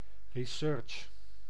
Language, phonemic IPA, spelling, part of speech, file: Dutch, /riˈsʏːrtʃ/, research, noun / verb, Nl-research.ogg
- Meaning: research